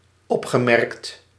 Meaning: past participle of opmerken
- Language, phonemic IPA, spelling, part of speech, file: Dutch, /ˈɔpxəˌmɛrᵊkt/, opgemerkt, verb, Nl-opgemerkt.ogg